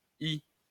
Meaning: stamping/ramming rod
- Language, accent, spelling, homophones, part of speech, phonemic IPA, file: French, France, hie, y / hies / hient, noun, /i/, LL-Q150 (fra)-hie.wav